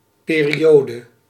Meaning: 1. period (of time) 2. era 3. period (length of a repeating interval of a periodic function or repeating decimal)
- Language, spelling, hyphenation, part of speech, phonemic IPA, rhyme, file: Dutch, periode, pe‧ri‧o‧de, noun, /ˌpeːriˈjoːdə/, -oːdə, Nl-periode.ogg